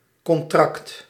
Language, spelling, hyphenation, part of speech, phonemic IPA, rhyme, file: Dutch, contract, con‧tract, noun, /kɔnˈtrɑkt/, -ɑkt, Nl-contract.ogg
- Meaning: contract